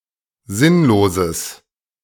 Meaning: strong/mixed nominative/accusative neuter singular of sinnlos
- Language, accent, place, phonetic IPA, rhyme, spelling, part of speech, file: German, Germany, Berlin, [ˈzɪnloːzəs], -ɪnloːzəs, sinnloses, adjective, De-sinnloses.ogg